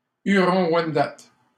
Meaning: of the Wendat, their language, and their culture
- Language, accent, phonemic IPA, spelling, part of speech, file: French, Canada, /y.ʁɔ̃.wɛn.dat/, huron-wendat, adjective, LL-Q150 (fra)-huron-wendat.wav